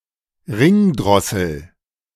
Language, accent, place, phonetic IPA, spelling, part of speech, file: German, Germany, Berlin, [ˈʁɪŋˌdʁɔsl̩], Ringdrossel, noun, De-Ringdrossel.ogg
- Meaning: ring ouzel (Turdus torquatus)